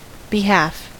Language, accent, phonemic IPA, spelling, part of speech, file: English, US, /bɪˈhæf/, behalf, noun, En-us-behalf.ogg
- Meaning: 1. The interest, benefit, or wellbeing of someone or something 2. One's role or rightful place; stead or authority